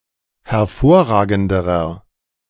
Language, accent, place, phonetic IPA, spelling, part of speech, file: German, Germany, Berlin, [hɛɐ̯ˈfoːɐ̯ˌʁaːɡn̩dəʁɐ], hervorragenderer, adjective, De-hervorragenderer.ogg
- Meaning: inflection of hervorragend: 1. strong/mixed nominative masculine singular comparative degree 2. strong genitive/dative feminine singular comparative degree 3. strong genitive plural comparative degree